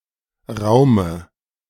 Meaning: dative singular of Raum
- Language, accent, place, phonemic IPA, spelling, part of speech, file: German, Germany, Berlin, /ˈʁaʊ̯mə/, Raume, noun, De-Raume.ogg